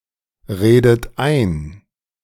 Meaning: inflection of einreden: 1. third-person singular present 2. second-person plural present 3. second-person plural subjunctive I 4. plural imperative
- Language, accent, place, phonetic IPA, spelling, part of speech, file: German, Germany, Berlin, [ˌʁeːdət ˈaɪ̯n], redet ein, verb, De-redet ein.ogg